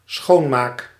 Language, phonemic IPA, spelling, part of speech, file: Dutch, /ˈsxomak/, schoonmaak, noun / verb, Nl-schoonmaak.ogg
- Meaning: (noun) cleanup, cleaning; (verb) first-person singular dependent-clause present indicative of schoonmaken